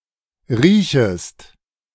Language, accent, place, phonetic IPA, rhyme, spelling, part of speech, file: German, Germany, Berlin, [ˈʁiːçəst], -iːçəst, riechest, verb, De-riechest.ogg
- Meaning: second-person singular subjunctive I of riechen